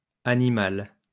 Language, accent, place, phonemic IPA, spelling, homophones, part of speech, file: French, France, Lyon, /a.ni.mal/, animales, animal / animale, adjective, LL-Q150 (fra)-animales.wav
- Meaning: feminine plural of animal